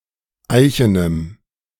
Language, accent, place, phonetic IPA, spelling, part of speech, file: German, Germany, Berlin, [ˈaɪ̯çənəm], eichenem, adjective, De-eichenem.ogg
- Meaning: strong dative masculine/neuter singular of eichen